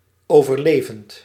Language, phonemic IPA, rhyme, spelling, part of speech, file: Dutch, /ˌoː.vərˈleː.vənt/, -eːvənt, overlevend, verb, Nl-overlevend.ogg
- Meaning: present participle of overleven